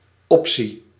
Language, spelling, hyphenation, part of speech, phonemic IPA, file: Dutch, optie, op‧tie, noun, /ˈɔp.si/, Nl-optie.ogg
- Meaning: option